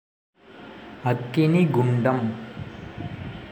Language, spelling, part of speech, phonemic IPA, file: Tamil, அக்கினிகுண்டம், noun, /ɐkːɪnɪɡʊɳɖɐm/, Ta-அக்கினிகுண்டம்.ogg
- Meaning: enclosed pit for sacred fire, firepit